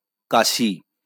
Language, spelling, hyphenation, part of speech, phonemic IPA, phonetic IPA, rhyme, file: Bengali, কাশি, কা‧শি, noun, /ka.ʃi/, [ˈka.ʃi], -aʃi, LL-Q9610 (ben)-কাশি.wav
- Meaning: cough